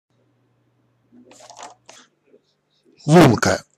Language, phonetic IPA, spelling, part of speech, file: Russian, [ˈɫunkə], лунка, noun, Ru-лунка.ogg
- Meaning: 1. hole 2. alveolus 3. indentation 4. socket